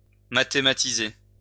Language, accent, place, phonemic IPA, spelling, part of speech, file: French, France, Lyon, /ma.te.ma.ti.ze/, mathématiser, verb, LL-Q150 (fra)-mathématiser.wav
- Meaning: mathematize (describe in terms of a mathematical equation)